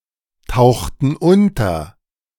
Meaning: inflection of untertauchen: 1. first/third-person plural preterite 2. first/third-person plural subjunctive II
- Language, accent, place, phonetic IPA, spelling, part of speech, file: German, Germany, Berlin, [ˌtaʊ̯xtn̩ ˈʊntɐ], tauchten unter, verb, De-tauchten unter.ogg